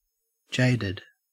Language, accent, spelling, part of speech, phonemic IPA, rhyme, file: English, Australia, jaded, adjective / verb, /ˈd͡ʒeɪdɪd/, -eɪdɪd, En-au-jaded.ogg
- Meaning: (adjective) Bored or lacking enthusiasm, typically after having been overexposed to, or having consumed too much of something